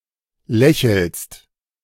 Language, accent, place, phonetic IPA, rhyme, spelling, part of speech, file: German, Germany, Berlin, [ˈlɛçl̩st], -ɛçl̩st, lächelst, verb, De-lächelst.ogg
- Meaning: second-person singular present of lächeln